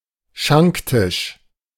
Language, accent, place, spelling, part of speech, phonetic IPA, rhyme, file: German, Germany, Berlin, Schanktisch, noun, [ˈʃaŋktɪʃ], -ɪʃ, De-Schanktisch.ogg
- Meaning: bar (counter in a pub)